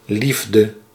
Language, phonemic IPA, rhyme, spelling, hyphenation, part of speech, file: Dutch, /ˈlif.də/, -ifdə, liefde, lief‧de, noun, Nl-liefde.ogg
- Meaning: love